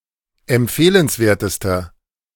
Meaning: inflection of empfehlenswert: 1. strong/mixed nominative masculine singular superlative degree 2. strong genitive/dative feminine singular superlative degree
- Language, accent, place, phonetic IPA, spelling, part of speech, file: German, Germany, Berlin, [ɛmˈp͡feːlənsˌveːɐ̯təstɐ], empfehlenswertester, adjective, De-empfehlenswertester.ogg